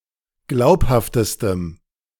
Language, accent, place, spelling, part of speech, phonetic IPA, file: German, Germany, Berlin, glaubhaftestem, adjective, [ˈɡlaʊ̯phaftəstəm], De-glaubhaftestem.ogg
- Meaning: strong dative masculine/neuter singular superlative degree of glaubhaft